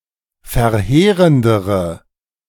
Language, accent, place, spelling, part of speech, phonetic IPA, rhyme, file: German, Germany, Berlin, verheerendere, adjective, [fɛɐ̯ˈheːʁəndəʁə], -eːʁəndəʁə, De-verheerendere.ogg
- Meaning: inflection of verheerend: 1. strong/mixed nominative/accusative feminine singular comparative degree 2. strong nominative/accusative plural comparative degree